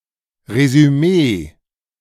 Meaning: summary
- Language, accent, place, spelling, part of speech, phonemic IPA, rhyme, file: German, Germany, Berlin, Resümee, noun, /rezyˈmeː/, -eː, De-Resümee.ogg